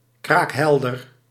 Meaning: limpid, transparent, clear
- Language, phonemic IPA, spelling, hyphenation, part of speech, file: Dutch, /ˌkraːkˈɦɛl.dər/, kraakhelder, kraak‧hel‧der, adjective, Nl-kraakhelder.ogg